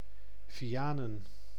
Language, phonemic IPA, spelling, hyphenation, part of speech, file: Dutch, /viˈaː.nə(n)/, Vianen, Via‧nen, proper noun, Nl-Vianen.ogg
- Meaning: 1. a city and former municipality of Vijfheerenlanden, Utrecht, Netherlands 2. a village in Land van Cuijk, North Brabant, Netherlands